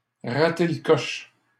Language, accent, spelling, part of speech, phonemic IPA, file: French, Canada, rater le coche, verb, /ʁa.te l(ə) kɔʃ/, LL-Q150 (fra)-rater le coche.wav
- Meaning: to miss the boat, to miss the bus